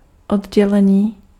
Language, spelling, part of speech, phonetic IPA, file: Czech, oddělení, noun / adjective, [ˈodɟɛlɛɲiː], Cs-oddělení.ogg
- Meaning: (noun) 1. verbal noun of oddělit 2. department 3. ward (hospital room) 4. separation, detachment; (adjective) animate masculine nominative/vocative plural of oddělený